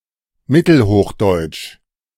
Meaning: Middle High German
- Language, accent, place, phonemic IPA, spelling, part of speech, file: German, Germany, Berlin, /ˈmɪtəlhoːxˌdɔɪ̯t͡ʃ/, mittelhochdeutsch, adjective, De-mittelhochdeutsch.ogg